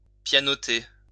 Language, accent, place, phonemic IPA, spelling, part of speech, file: French, France, Lyon, /pja.nɔ.te/, pianoter, verb, LL-Q150 (fra)-pianoter.wav
- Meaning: 1. to play the piano poorly 2. to drum the fingers 3. to type (use a computer keyboard), to type away at